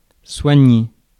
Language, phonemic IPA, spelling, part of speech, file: French, /swa.ɲe/, soigner, verb, Fr-soigner.ogg
- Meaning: 1. to treat; to nurse 2. to look after, to take care of